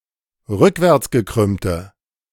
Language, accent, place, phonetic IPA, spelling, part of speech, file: German, Germany, Berlin, [ˈʁʏkvɛʁt͡sɡəˌkʁʏmtə], rückwärtsgekrümmte, adjective, De-rückwärtsgekrümmte.ogg
- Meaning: inflection of rückwärtsgekrümmt: 1. strong/mixed nominative/accusative feminine singular 2. strong nominative/accusative plural 3. weak nominative all-gender singular